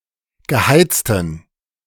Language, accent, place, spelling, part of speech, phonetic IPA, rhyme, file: German, Germany, Berlin, geheizten, adjective, [ɡəˈhaɪ̯t͡stn̩], -aɪ̯t͡stn̩, De-geheizten.ogg
- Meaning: inflection of geheizt: 1. strong genitive masculine/neuter singular 2. weak/mixed genitive/dative all-gender singular 3. strong/weak/mixed accusative masculine singular 4. strong dative plural